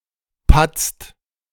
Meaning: inflection of patzen: 1. second/third-person singular present 2. second-person plural present 3. plural imperative
- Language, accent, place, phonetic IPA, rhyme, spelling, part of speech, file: German, Germany, Berlin, [pat͡st], -at͡st, patzt, verb, De-patzt.ogg